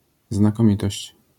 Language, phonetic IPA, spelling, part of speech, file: Polish, [ˌznakɔ̃ˈmʲitɔɕt͡ɕ], znakomitość, noun, LL-Q809 (pol)-znakomitość.wav